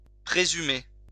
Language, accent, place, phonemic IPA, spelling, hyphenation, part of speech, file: French, France, Lyon, /pʁe.zy.me/, présumer, pré‧su‧mer, verb, LL-Q150 (fra)-présumer.wav
- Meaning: to presume, assume